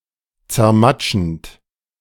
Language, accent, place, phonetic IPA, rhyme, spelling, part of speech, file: German, Germany, Berlin, [t͡sɛɐ̯ˈmat͡ʃn̩t], -at͡ʃn̩t, zermatschend, verb, De-zermatschend.ogg
- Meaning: present participle of zermatschen